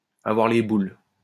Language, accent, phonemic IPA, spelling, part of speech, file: French, France, /a.vwaʁ le bul/, avoir les boules, verb, LL-Q150 (fra)-avoir les boules.wav
- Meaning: 1. to have the jitters, to have the willies, to have the heebie-jeebies (to be scared) 2. to be pissed off, to be cheesed off